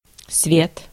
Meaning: 1. light 2. daylight, daybreak 3. radiance 4. lights, lighting 5. power, electricity 6. world, earth, universe 7. society, people, aristocracy
- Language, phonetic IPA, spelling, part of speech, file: Russian, [svʲet], свет, noun, Ru-свет.ogg